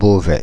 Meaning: Beauvais (a city and commune of Oise department, Hauts-de-France, France)
- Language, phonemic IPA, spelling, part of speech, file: French, /bo.vɛ/, Beauvais, proper noun, Fr-Beauvais.ogg